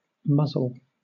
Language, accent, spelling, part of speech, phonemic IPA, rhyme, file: English, Southern England, muzzle, noun / verb, /ˈmʌzəl/, -ʌzəl, LL-Q1860 (eng)-muzzle.wav
- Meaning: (noun) 1. The protruding part of an animal's head which includes the nose, mouth and jaws 2. A person's mouth 3. A device used to prevent an animal from biting or eating, which is worn on its snout